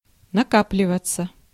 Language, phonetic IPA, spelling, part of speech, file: Russian, [nɐˈkaplʲɪvət͡sə], накапливаться, verb, Ru-накапливаться.ogg
- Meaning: 1. to accumulate, to gather, to amass 2. passive of нака́пливать (nakáplivatʹ)